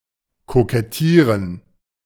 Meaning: 1. to try to appeal, win favour, especially by playing coy; to foreground one’s merits in a (supposedly) unobtrusive manner, to fish for compliments 2. to flirt (with a person)
- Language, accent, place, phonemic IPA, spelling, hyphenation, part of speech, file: German, Germany, Berlin, /kokɛˈtiːrən/, kokettieren, ko‧ket‧tie‧ren, verb, De-kokettieren.ogg